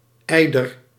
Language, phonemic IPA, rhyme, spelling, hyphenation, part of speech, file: Dutch, /ˈɛi̯.dər/, -ɛi̯dər, eider, ei‧der, noun, Nl-eider.ogg
- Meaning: a type of seaduck; an eider